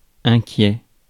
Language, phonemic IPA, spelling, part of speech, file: French, /ɛ̃.kjɛ/, inquiet, adjective, Fr-inquiet.ogg
- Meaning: 1. worried 2. anxious